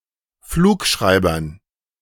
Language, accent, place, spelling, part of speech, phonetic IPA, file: German, Germany, Berlin, Flugschreibern, noun, [ˈfluːkˌʃʁaɪ̯bɐn], De-Flugschreibern.ogg
- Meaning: dative plural of Flugschreiber